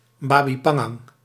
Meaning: babi panggang
- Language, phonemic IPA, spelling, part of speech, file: Dutch, /ˌbaːbi ˈpɑŋɑŋ/, babi pangang, noun, Nl-babi pangang.ogg